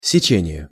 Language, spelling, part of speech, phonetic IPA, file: Russian, сечение, noun, [sʲɪˈt͡ɕenʲɪje], Ru-сечение.ogg
- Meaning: section, cut, sectional view